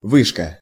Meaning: 1. tower 2. control tower 3. higher education (from высшее образование) 4. higher mathematics, advanced maths (from высшая математика)
- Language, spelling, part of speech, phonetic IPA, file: Russian, вышка, noun, [ˈvɨʂkə], Ru-вышка.ogg